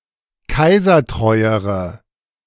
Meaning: inflection of kaisertreu: 1. strong/mixed nominative/accusative feminine singular comparative degree 2. strong nominative/accusative plural comparative degree
- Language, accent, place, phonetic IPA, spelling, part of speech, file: German, Germany, Berlin, [ˈkaɪ̯zɐˌtʁɔɪ̯əʁə], kaisertreuere, adjective, De-kaisertreuere.ogg